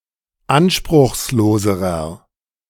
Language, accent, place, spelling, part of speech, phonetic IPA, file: German, Germany, Berlin, anspruchsloserer, adjective, [ˈanʃpʁʊxsˌloːzəʁɐ], De-anspruchsloserer.ogg
- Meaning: inflection of anspruchslos: 1. strong/mixed nominative masculine singular comparative degree 2. strong genitive/dative feminine singular comparative degree 3. strong genitive plural comparative degree